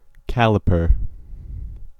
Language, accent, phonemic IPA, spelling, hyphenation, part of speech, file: English, US, /ˈkælɪpɚ/, caliper, cal‧i‧per, noun / verb, En-us-caliper.ogg
- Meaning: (noun) 1. Alternative form of calipers, a device used to measure dimensions 2. The part of a disc brake that holds the brake pads; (verb) To use calipers to measure the size of